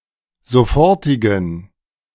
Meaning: inflection of sofortig: 1. strong genitive masculine/neuter singular 2. weak/mixed genitive/dative all-gender singular 3. strong/weak/mixed accusative masculine singular 4. strong dative plural
- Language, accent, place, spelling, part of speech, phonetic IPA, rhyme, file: German, Germany, Berlin, sofortigen, adjective, [zoˈfɔʁtɪɡn̩], -ɔʁtɪɡn̩, De-sofortigen.ogg